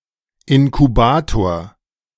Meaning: incubator (apparatus in which weak babies are supported)
- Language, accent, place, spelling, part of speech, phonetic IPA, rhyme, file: German, Germany, Berlin, Inkubator, noun, [ɪnkuˈbaːtoːɐ̯], -aːtoːɐ̯, De-Inkubator.ogg